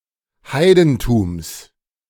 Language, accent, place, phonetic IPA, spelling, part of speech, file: German, Germany, Berlin, [ˈhaɪ̯dn̩tuːms], Heidentums, noun, De-Heidentums.ogg
- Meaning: genitive singular of Heidentum